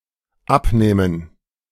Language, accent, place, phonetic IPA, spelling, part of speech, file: German, Germany, Berlin, [ˈapˌnɛːmən], abnähmen, verb, De-abnähmen.ogg
- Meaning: first/third-person plural dependent subjunctive II of abnehmen